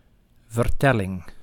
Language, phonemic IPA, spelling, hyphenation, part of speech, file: Dutch, /vərˈtɛlɪŋ/, vertelling, ver‧tel‧ling, noun, Nl-vertelling.ogg
- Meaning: narrative, tale, story